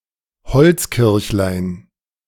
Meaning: diminutive of Holzkirche (“wooden church”)
- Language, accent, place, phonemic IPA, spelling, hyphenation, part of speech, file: German, Germany, Berlin, /ˈhɔlt͡sˌkɪʁçlaɪ̯n/, Holzkirchlein, Holz‧kirch‧lein, noun, De-Holzkirchlein.ogg